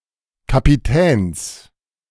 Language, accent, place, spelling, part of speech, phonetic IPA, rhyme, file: German, Germany, Berlin, Kapitäns, noun, [kapiˈtɛːns], -ɛːns, De-Kapitäns.ogg
- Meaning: genitive singular of Kapitän